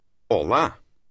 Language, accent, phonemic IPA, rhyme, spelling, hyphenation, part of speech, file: Portuguese, Portugal, /ɔˈla/, -a, olá, o‧lá, interjection, Pt-olá.oga
- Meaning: hello; hi (greeting)